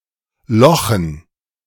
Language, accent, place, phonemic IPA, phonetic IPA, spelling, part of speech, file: German, Germany, Berlin, /ˈlɔxən/, [ˈlɔχn̩], lochen, verb, De-lochen.ogg
- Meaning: to punch (holes)